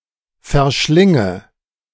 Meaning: inflection of verschlingen: 1. first-person singular present 2. first/third-person singular subjunctive I 3. singular imperative
- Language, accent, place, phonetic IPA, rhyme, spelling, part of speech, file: German, Germany, Berlin, [fɛɐ̯ˈʃlɪŋə], -ɪŋə, verschlinge, verb, De-verschlinge.ogg